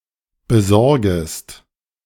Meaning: second-person singular subjunctive I of besorgen
- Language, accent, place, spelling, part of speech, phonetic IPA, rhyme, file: German, Germany, Berlin, besorgest, verb, [bəˈzɔʁɡəst], -ɔʁɡəst, De-besorgest.ogg